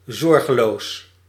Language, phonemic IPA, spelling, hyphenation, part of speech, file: Dutch, /ˈzɔr.ɣəˌloːs/, zorgeloos, zor‧ge‧loos, adjective, Nl-zorgeloos.ogg
- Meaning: carefree